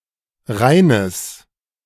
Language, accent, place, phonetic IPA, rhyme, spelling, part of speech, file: German, Germany, Berlin, [ˈʁaɪ̯nəs], -aɪ̯nəs, Rheines, noun, De-Rheines.ogg
- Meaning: genitive singular of Rhein